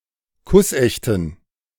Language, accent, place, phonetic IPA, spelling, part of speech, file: German, Germany, Berlin, [ˈkʊsˌʔɛçtn̩], kussechten, adjective, De-kussechten.ogg
- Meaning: inflection of kussecht: 1. strong genitive masculine/neuter singular 2. weak/mixed genitive/dative all-gender singular 3. strong/weak/mixed accusative masculine singular 4. strong dative plural